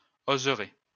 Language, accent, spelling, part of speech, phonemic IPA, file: French, France, oseraie, noun, /oz.ʁɛ/, LL-Q150 (fra)-oseraie.wav
- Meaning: willow orchard